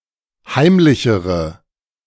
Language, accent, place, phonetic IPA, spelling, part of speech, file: German, Germany, Berlin, [ˈhaɪ̯mlɪçəʁə], heimlichere, adjective, De-heimlichere.ogg
- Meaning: inflection of heimlich: 1. strong/mixed nominative/accusative feminine singular comparative degree 2. strong nominative/accusative plural comparative degree